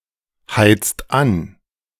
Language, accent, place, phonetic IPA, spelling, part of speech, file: German, Germany, Berlin, [ˌhaɪ̯t͡st ˈan], heizt an, verb, De-heizt an.ogg
- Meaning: inflection of anheizen: 1. second-person singular/plural present 2. third-person singular present 3. plural imperative